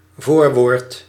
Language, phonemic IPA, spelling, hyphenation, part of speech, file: Dutch, /ˈvoːr.ʋoːrt/, voorwoord, voor‧woord, noun, Nl-voorwoord.ogg
- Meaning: foreword